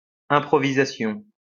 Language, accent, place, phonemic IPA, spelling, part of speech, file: French, France, Lyon, /ɛ̃.pʁɔ.vi.za.sjɔ̃/, improvisation, noun, LL-Q150 (fra)-improvisation.wav
- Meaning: improvisation (all meanings)